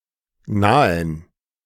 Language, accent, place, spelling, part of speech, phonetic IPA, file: German, Germany, Berlin, nahen, verb, [ˈnaːən], De-nahen.ogg
- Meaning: 1. to approach, to come near 2. to approach, to come to (something)